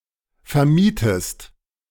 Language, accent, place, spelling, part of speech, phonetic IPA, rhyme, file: German, Germany, Berlin, vermietest, verb, [fɛɐ̯ˈmiːtəst], -iːtəst, De-vermietest.ogg
- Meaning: inflection of vermieten: 1. second-person singular present 2. second-person singular subjunctive I